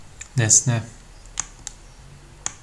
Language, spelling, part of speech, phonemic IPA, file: Turkish, nesne, noun, /nes.ne/, Tr tr nesne.ogg
- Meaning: object